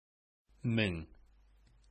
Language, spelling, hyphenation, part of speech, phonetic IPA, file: Bashkir, мең, мең, numeral, [mɪ̞ŋ], Ba-мең.ogg
- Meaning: thousand